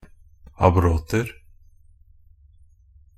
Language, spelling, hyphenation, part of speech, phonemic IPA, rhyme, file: Norwegian Bokmål, abroter, ab‧rot‧er, noun, /aˈbrɔtər/, -ər, NB - Pronunciation of Norwegian Bokmål «abroter».ogg
- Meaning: indefinite plural of abrot